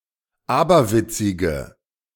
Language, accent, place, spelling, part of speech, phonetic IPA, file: German, Germany, Berlin, aberwitzige, adjective, [ˈaːbɐˌvɪt͡sɪɡə], De-aberwitzige.ogg
- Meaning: inflection of aberwitzig: 1. strong/mixed nominative/accusative feminine singular 2. strong nominative/accusative plural 3. weak nominative all-gender singular